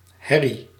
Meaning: 1. racket, loud noise (usually unwanted) 2. quarrel, dispute, argument 3. busy activity, bustle
- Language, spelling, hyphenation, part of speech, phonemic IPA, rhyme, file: Dutch, herrie, her‧rie, noun, /ˈɦɛri/, -ɛri, Nl-herrie.ogg